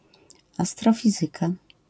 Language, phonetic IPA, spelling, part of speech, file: Polish, [ˌastrɔˈfʲizɨka], astrofizyka, noun, LL-Q809 (pol)-astrofizyka.wav